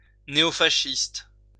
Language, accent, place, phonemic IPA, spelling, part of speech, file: French, France, Lyon, /ne.o.fa.ʃist/, néofasciste, adjective, LL-Q150 (fra)-néofasciste.wav
- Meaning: neofascist